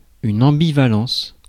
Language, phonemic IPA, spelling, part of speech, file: French, /ɑ̃.bi.va.lɑ̃s/, ambivalence, noun, Fr-ambivalence.ogg
- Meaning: 1. ambivalence 2. ambiguity